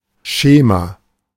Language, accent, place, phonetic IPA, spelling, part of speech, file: German, Germany, Berlin, [ˈʃeːma], Schema, noun, De-Schema.ogg
- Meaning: schema